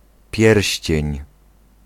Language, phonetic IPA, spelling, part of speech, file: Polish, [ˈpʲjɛrʲɕt͡ɕɛ̇̃ɲ], pierścień, noun, Pl-pierścień.ogg